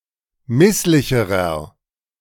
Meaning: inflection of misslich: 1. strong/mixed nominative masculine singular comparative degree 2. strong genitive/dative feminine singular comparative degree 3. strong genitive plural comparative degree
- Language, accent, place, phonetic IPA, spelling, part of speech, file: German, Germany, Berlin, [ˈmɪslɪçəʁɐ], misslicherer, adjective, De-misslicherer.ogg